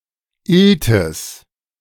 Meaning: polecat (Mustela putorius)
- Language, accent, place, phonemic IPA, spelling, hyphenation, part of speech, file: German, Germany, Berlin, /ˈɪltɪs/, Iltis, Il‧tis, noun, De-Iltis.ogg